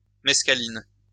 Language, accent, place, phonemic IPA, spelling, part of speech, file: French, France, Lyon, /mɛs.ka.lin/, mescaline, noun, LL-Q150 (fra)-mescaline.wav
- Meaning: mescaline